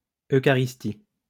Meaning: Eucharist
- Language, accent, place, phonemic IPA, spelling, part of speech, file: French, France, Lyon, /ø.ka.ʁis.ti/, eucharistie, noun, LL-Q150 (fra)-eucharistie.wav